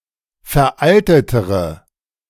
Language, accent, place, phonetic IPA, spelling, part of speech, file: German, Germany, Berlin, [fɛɐ̯ˈʔaltətəʁə], veraltetere, adjective, De-veraltetere.ogg
- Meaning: inflection of veraltet: 1. strong/mixed nominative/accusative feminine singular comparative degree 2. strong nominative/accusative plural comparative degree